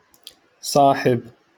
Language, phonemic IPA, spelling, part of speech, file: Moroccan Arabic, /sˤaːħɪb/, صاحب, noun, LL-Q56426 (ary)-صاحب.wav
- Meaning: friend